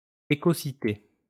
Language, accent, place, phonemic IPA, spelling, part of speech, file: French, France, Lyon, /e.ko.si.te/, écocité, noun, LL-Q150 (fra)-écocité.wav
- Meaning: synonym of écoville